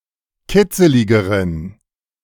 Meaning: inflection of kitzelig: 1. strong genitive masculine/neuter singular comparative degree 2. weak/mixed genitive/dative all-gender singular comparative degree
- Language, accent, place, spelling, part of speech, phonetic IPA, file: German, Germany, Berlin, kitzeligeren, adjective, [ˈkɪt͡səlɪɡəʁən], De-kitzeligeren.ogg